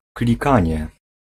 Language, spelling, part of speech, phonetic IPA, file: Polish, klikanie, noun, [klʲiˈkãɲɛ], Pl-klikanie.ogg